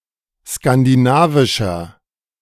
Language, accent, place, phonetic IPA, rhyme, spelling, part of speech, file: German, Germany, Berlin, [skandiˈnaːvɪʃɐ], -aːvɪʃɐ, skandinavischer, adjective, De-skandinavischer.ogg
- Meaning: inflection of skandinavisch: 1. strong/mixed nominative masculine singular 2. strong genitive/dative feminine singular 3. strong genitive plural